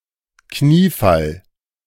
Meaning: 1. genuflection, kneeling 2. kowtow, bow, show of obeisance
- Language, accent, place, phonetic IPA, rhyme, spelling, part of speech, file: German, Germany, Berlin, [ˈkniːˌfal], -iːfal, Kniefall, noun, De-Kniefall.ogg